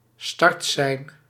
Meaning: a starting signal
- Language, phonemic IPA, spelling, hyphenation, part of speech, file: Dutch, /ˈstɑrt.sɛi̯n/, startsein, start‧sein, noun, Nl-startsein.ogg